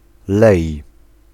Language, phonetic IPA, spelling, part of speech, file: Polish, [lɛj], lej, noun / verb, Pl-lej.ogg